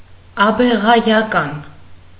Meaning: relational adjective of աբեղա (abeġa, “abegha”)
- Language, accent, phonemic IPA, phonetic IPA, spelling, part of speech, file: Armenian, Eastern Armenian, /ɑbeʁɑjɑˈkɑn/, [ɑbeʁɑjɑkɑ́n], աբեղայական, adjective, Hy-աբեղայական.ogg